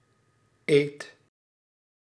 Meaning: inflection of eten: 1. first/second/third-person singular present indicative 2. imperative
- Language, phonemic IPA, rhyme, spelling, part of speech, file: Dutch, /eːt/, -eːt, eet, verb, Nl-eet.ogg